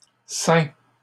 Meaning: 1. past participle of ceindre 2. third-person singular present indicative of ceindre
- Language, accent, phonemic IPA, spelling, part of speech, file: French, Canada, /sɛ̃/, ceint, verb, LL-Q150 (fra)-ceint.wav